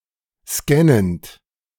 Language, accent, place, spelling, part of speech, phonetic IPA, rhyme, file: German, Germany, Berlin, scannend, verb, [ˈskɛnənt], -ɛnənt, De-scannend.ogg
- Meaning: present participle of scannen